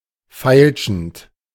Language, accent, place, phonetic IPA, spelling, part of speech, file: German, Germany, Berlin, [ˈfaɪ̯lʃn̩t], feilschend, verb, De-feilschend.ogg
- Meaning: present participle of feilschen